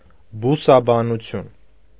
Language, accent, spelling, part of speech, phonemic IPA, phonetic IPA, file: Armenian, Eastern Armenian, բուսաբանություն, noun, /busɑbɑnuˈtʰjun/, [busɑbɑnut͡sʰjún], Hy-բուսաբանություն.ogg
- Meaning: botany